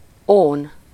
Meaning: tin (chemical element)
- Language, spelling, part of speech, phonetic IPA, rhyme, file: Hungarian, ón, noun, [ˈoːn], -oːn, Hu-ón.ogg